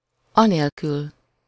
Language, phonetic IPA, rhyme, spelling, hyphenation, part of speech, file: Hungarian, [ˈɒneːlkyl], -yl, anélkül, a‧nél‧kül, adverb, Hu-anélkül.ogg
- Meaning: without (it)